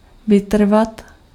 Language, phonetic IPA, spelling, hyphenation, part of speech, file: Czech, [ˈvɪtr̩vat], vytrvat, vy‧tr‧vat, verb, Cs-vytrvat.ogg
- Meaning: to endure (to continue despite obstacles)